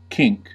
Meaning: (verb) 1. To laugh loudly 2. To gasp for breath as in a severe fit of coughing
- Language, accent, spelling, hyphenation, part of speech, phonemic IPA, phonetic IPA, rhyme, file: English, US, kink, kink, verb / noun, /ˈkɪŋk/, [ˈkʰɪŋk], -ɪŋk, En-us-kink.ogg